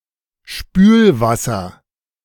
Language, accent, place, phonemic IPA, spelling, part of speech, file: German, Germany, Berlin, /ˈʃpyːlvasɐ/, Spülwasser, noun, De-Spülwasser.ogg
- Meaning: rinse water